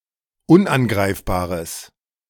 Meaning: strong/mixed nominative/accusative neuter singular of unangreifbar
- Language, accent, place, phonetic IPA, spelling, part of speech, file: German, Germany, Berlin, [ˈʊnʔanˌɡʁaɪ̯fbaːʁəs], unangreifbares, adjective, De-unangreifbares.ogg